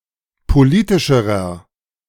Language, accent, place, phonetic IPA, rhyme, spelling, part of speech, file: German, Germany, Berlin, [poˈliːtɪʃəʁɐ], -iːtɪʃəʁɐ, politischerer, adjective, De-politischerer.ogg
- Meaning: inflection of politisch: 1. strong/mixed nominative masculine singular comparative degree 2. strong genitive/dative feminine singular comparative degree 3. strong genitive plural comparative degree